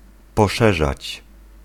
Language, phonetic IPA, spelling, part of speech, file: Polish, [pɔˈʃɛʒat͡ɕ], poszerzać, verb, Pl-poszerzać.ogg